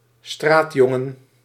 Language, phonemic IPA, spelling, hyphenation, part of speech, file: Dutch, /ˈstraːtˌjɔ.ŋə(n)/, straatjongen, straat‧jon‧gen, noun, Nl-straatjongen.ogg
- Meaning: a street boy, a male street urchin